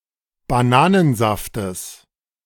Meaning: genitive singular of Bananensaft
- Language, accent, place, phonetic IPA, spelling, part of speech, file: German, Germany, Berlin, [baˈnaːnənˌzaftəs], Bananensaftes, noun, De-Bananensaftes.ogg